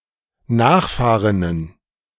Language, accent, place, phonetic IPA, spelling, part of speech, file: German, Germany, Berlin, [ˈnaːxˌfaːʁɪnən], Nachfahrinnen, noun, De-Nachfahrinnen.ogg
- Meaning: plural of Nachfahrin